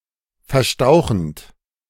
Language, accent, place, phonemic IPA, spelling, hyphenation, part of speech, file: German, Germany, Berlin, /fɛɐ̯ˈʃtaʊ̯xənt/, verstauchend, ver‧stau‧chend, verb, De-verstauchend.ogg
- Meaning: present participle of verstauchen